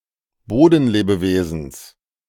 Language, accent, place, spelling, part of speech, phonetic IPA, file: German, Germany, Berlin, Bodenlebewesens, noun, [ˈboːdn̩ˌleːbəveːzn̩s], De-Bodenlebewesens.ogg
- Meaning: genitive singular of Bodenlebewesen